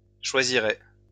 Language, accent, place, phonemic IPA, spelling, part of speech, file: French, France, Lyon, /ʃwa.zi.ʁe/, choisirai, verb, LL-Q150 (fra)-choisirai.wav
- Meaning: first-person singular future of choisir